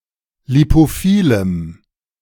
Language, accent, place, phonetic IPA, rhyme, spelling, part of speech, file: German, Germany, Berlin, [lipoˈfiːləm], -iːləm, lipophilem, adjective, De-lipophilem.ogg
- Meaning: strong dative masculine/neuter singular of lipophil